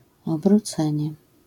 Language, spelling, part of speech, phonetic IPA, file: Polish, obrócenie, noun, [ˌɔbruˈt͡sɛ̃ɲɛ], LL-Q809 (pol)-obrócenie.wav